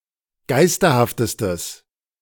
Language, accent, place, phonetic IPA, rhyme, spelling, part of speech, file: German, Germany, Berlin, [ˈɡaɪ̯stɐhaftəstəs], -aɪ̯stɐhaftəstəs, geisterhaftestes, adjective, De-geisterhaftestes.ogg
- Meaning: strong/mixed nominative/accusative neuter singular superlative degree of geisterhaft